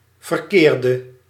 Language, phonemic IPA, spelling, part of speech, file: Dutch, /vər.ˈkeːr.də/, verkeerde, adjective / verb, Nl-verkeerde.ogg
- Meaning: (adjective) inflection of verkeerd: 1. masculine/feminine singular attributive 2. definite neuter singular attributive 3. plural attributive; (verb) singular past indicative/subjunctive of verkeren